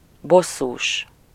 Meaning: annoyed
- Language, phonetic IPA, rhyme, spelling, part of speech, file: Hungarian, [ˈbosːuːʃ], -uːʃ, bosszús, adjective, Hu-bosszús.ogg